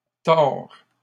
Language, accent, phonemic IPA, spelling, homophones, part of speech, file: French, Canada, /tɔʁ/, tord, Thor / tords / tore / tores / tors / tort / torts, verb / noun, LL-Q150 (fra)-tord.wav
- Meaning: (verb) third-person singular present indicative of tordre; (noun) misspelling of tort